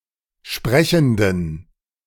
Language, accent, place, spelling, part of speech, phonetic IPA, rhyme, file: German, Germany, Berlin, sprechenden, adjective, [ˈʃpʁɛçn̩dən], -ɛçn̩dən, De-sprechenden.ogg
- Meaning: inflection of sprechend: 1. strong genitive masculine/neuter singular 2. weak/mixed genitive/dative all-gender singular 3. strong/weak/mixed accusative masculine singular 4. strong dative plural